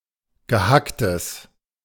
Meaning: minced meat
- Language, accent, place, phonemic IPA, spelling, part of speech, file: German, Germany, Berlin, /ɡəˈhaktəs/, Gehacktes, noun, De-Gehacktes.ogg